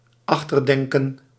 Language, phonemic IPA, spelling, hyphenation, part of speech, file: Dutch, /ˈɑx.tərˌdɛŋ.kə(n)/, achterdenken, ach‧ter‧den‧ken, verb / noun, Nl-achterdenken.ogg
- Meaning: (verb) to suspect; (noun) 1. suspicion, mistrust 2. worry, concern